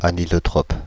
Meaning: anisotropic (exhibiting anisotropy)
- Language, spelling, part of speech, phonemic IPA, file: French, anisotrope, adjective, /a.ni.zɔ.tʁɔp/, Fr-anisotrope.ogg